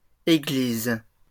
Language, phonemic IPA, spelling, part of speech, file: French, /e.ɡliz/, églises, noun, LL-Q150 (fra)-églises.wav
- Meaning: plural of église